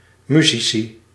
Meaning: plural of musicus
- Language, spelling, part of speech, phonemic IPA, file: Dutch, musici, noun, /ˈmy.zi.si/, Nl-musici.ogg